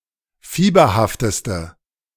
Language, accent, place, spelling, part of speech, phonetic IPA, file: German, Germany, Berlin, fieberhafteste, adjective, [ˈfiːbɐhaftəstə], De-fieberhafteste.ogg
- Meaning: inflection of fieberhaft: 1. strong/mixed nominative/accusative feminine singular superlative degree 2. strong nominative/accusative plural superlative degree